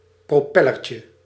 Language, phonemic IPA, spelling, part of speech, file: Dutch, /proˈpɛlərcə/, propellertje, noun, Nl-propellertje.ogg
- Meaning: diminutive of propeller